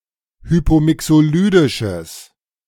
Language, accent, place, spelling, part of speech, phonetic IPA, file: German, Germany, Berlin, hypomixolydisches, adjective, [ˈhyːpoːˌmɪksoːˌlyːdɪʃəs], De-hypomixolydisches.ogg
- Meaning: strong/mixed nominative/accusative neuter singular of hypomixolydisch